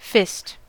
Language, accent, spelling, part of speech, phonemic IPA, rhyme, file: English, US, fist, noun / verb, /fɪst/, -ɪst, En-us-fist.ogg
- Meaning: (noun) 1. A hand with the fingers clenched or curled inward 2. Synonym of manicule 3. The characteristic signaling rhythm of an individual telegraph or CW operator when sending Morse code